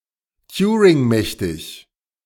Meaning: Turing complete
- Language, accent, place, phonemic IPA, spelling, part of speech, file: German, Germany, Berlin, /ˈtjuːʁɪŋˌmɛçtɪç/, turingmächtig, adjective, De-turingmächtig.ogg